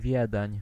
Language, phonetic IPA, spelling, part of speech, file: Polish, [ˈvʲjɛdɛ̃ɲ], Wiedeń, proper noun, Pl-Wiedeń.ogg